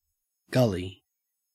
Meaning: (noun) 1. A trench, ravine or narrow channel which was worn by water flow, especially on a hillside 2. A small valley 3. A drop kerb 4. A road drain
- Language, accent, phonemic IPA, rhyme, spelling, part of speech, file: English, Australia, /ˈɡʌli/, -ʌli, gully, noun / verb, En-au-gully.ogg